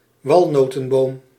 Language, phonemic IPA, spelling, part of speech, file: Dutch, /ˈʋɑlnoːtə(m)boːm/, walnotenboom, noun, Nl-walnotenboom.ogg
- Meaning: walnut tree (a deciduous tree of the genus Juglans)